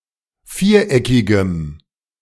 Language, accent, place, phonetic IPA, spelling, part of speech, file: German, Germany, Berlin, [ˈfiːɐ̯ˌʔɛkɪɡə], viereckige, adjective, De-viereckige.ogg
- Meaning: inflection of viereckig: 1. strong/mixed nominative/accusative feminine singular 2. strong nominative/accusative plural 3. weak nominative all-gender singular